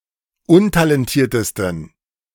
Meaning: 1. superlative degree of untalentiert 2. inflection of untalentiert: strong genitive masculine/neuter singular superlative degree
- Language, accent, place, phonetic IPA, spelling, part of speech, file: German, Germany, Berlin, [ˈʊntalɛnˌtiːɐ̯təstn̩], untalentiertesten, adjective, De-untalentiertesten.ogg